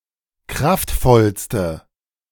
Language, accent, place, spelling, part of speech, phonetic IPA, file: German, Germany, Berlin, kraftvollste, adjective, [ˈkʁaftˌfɔlstə], De-kraftvollste.ogg
- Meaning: inflection of kraftvoll: 1. strong/mixed nominative/accusative feminine singular superlative degree 2. strong nominative/accusative plural superlative degree